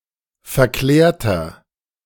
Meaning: 1. comparative degree of verklärt 2. inflection of verklärt: strong/mixed nominative masculine singular 3. inflection of verklärt: strong genitive/dative feminine singular
- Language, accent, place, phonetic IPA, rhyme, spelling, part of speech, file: German, Germany, Berlin, [fɛɐ̯ˈklɛːɐ̯tɐ], -ɛːɐ̯tɐ, verklärter, adjective, De-verklärter.ogg